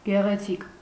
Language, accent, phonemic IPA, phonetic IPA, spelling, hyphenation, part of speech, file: Armenian, Eastern Armenian, /ɡeʁeˈt͡sʰik/, [ɡeʁet͡sʰík], գեղեցիկ, գե‧ղե‧ցիկ, adjective / adverb, Hy-գեղեցիկ.ogg
- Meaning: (adjective) beautiful; handsome; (adverb) beautifully